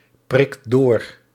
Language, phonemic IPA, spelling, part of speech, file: Dutch, /ˈprɪkt ˈdor/, prikt door, verb, Nl-prikt door.ogg
- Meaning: inflection of doorprikken: 1. second/third-person singular present indicative 2. plural imperative